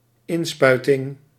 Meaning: injection
- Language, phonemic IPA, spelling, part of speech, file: Dutch, /ˈɪnspœytɪŋ/, inspuiting, noun, Nl-inspuiting.ogg